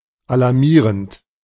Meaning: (verb) present participle of alarmieren; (adjective) alarming
- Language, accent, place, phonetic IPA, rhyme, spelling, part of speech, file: German, Germany, Berlin, [alaʁˈmiːʁənt], -iːʁənt, alarmierend, adjective / verb, De-alarmierend.ogg